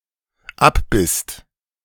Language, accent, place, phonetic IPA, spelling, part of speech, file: German, Germany, Berlin, [ˈapˌbɪst], abbisst, verb, De-abbisst.ogg
- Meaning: second-person singular/plural dependent preterite of abbeißen